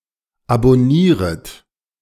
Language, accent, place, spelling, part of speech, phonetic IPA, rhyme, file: German, Germany, Berlin, abonnieret, verb, [abɔˈniːʁət], -iːʁət, De-abonnieret.ogg
- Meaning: second-person plural subjunctive I of abonnieren